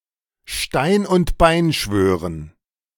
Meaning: to swear on a stack of Bibles, to swear an absolute oath, to promise emphatically
- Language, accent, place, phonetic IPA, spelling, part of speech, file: German, Germany, Berlin, [ˈʃtaɪ̯n ʊnt ˈbaɪ̯n ˈʃvøːʁən], Stein und Bein schwören, phrase, De-Stein und Bein schwören.ogg